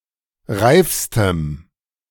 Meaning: strong dative masculine/neuter singular superlative degree of reif
- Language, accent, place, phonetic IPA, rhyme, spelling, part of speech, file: German, Germany, Berlin, [ˈʁaɪ̯fstəm], -aɪ̯fstəm, reifstem, adjective, De-reifstem.ogg